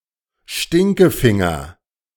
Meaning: the finger
- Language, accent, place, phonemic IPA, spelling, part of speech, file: German, Germany, Berlin, /ˈʃtɪŋkəˌfɪŋɐ/, Stinkefinger, noun, De-Stinkefinger.ogg